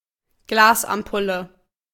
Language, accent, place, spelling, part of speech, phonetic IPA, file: German, Germany, Berlin, Glasampulle, noun, [ˈɡlaːsʔamˌpʊlə], De-Glasampulle.ogg
- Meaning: glass ampule